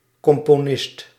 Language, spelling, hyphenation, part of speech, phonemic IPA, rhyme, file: Dutch, componist, com‧po‧nist, noun, /ˌkɔm.poːˈnɪst/, -ɪst, Nl-componist.ogg
- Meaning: composer